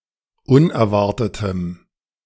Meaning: strong dative masculine/neuter singular of unerwartet
- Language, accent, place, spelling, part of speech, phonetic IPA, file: German, Germany, Berlin, unerwartetem, adjective, [ˈʊnɛɐ̯ˌvaʁtətəm], De-unerwartetem.ogg